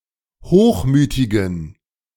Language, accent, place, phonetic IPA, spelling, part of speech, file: German, Germany, Berlin, [ˈhoːxˌmyːtɪɡn̩], hochmütigen, adjective, De-hochmütigen.ogg
- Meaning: inflection of hochmütig: 1. strong genitive masculine/neuter singular 2. weak/mixed genitive/dative all-gender singular 3. strong/weak/mixed accusative masculine singular 4. strong dative plural